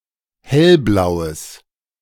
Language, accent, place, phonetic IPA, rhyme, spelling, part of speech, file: German, Germany, Berlin, [ˈhɛlˌblaʊ̯əs], -ɛlblaʊ̯əs, hellblaues, adjective, De-hellblaues.ogg
- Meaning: strong/mixed nominative/accusative neuter singular of hellblau